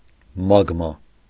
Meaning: magma
- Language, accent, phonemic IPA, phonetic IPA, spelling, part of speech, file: Armenian, Eastern Armenian, /mɑɡˈmɑ/, [mɑɡmɑ́], մագմա, noun, Hy-մագմա.ogg